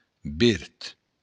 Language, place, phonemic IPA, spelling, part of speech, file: Occitan, Béarn, /ˈbert/, verd, adjective / noun, LL-Q14185 (oci)-verd.wav
- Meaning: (adjective) green